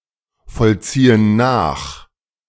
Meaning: inflection of nachvollziehen: 1. first/third-person plural present 2. first/third-person plural subjunctive I
- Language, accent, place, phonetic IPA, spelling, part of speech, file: German, Germany, Berlin, [fɔlˌt͡siːən ˈnaːx], vollziehen nach, verb, De-vollziehen nach.ogg